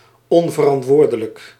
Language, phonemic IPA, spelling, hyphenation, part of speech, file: Dutch, /ˌɔnvərɑntˈʋoːrdələk/, onverantwoordelijk, on‧ver‧ant‧woor‧de‧lijk, adjective, Nl-onverantwoordelijk.ogg
- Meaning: irresponsible